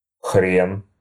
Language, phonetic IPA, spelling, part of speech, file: Russian, [xrʲen], хрен, noun, Ru-хрен.ogg
- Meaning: 1. horseradish (plant, condiment) 2. prick (penis); used as a general curse and intensifier: crap, hell, nuts 3. prick, asshole (a term of contempt for a man) 4. old fart